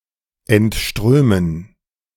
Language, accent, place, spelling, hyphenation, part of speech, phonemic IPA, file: German, Germany, Berlin, entströmen, ent‧strö‧men, verb, /ɛntˈʃtʁøːmən/, De-entströmen.ogg
- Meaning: to flow out